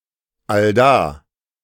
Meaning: right there, at that place, at the same place
- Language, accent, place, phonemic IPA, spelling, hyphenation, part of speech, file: German, Germany, Berlin, /alˈdaː/, allda, all‧da, adverb, De-allda.ogg